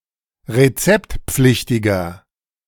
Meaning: inflection of rezeptpflichtig: 1. strong/mixed nominative masculine singular 2. strong genitive/dative feminine singular 3. strong genitive plural
- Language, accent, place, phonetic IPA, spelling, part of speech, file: German, Germany, Berlin, [ʁeˈt͡sɛptˌp͡flɪçtɪɡɐ], rezeptpflichtiger, adjective, De-rezeptpflichtiger.ogg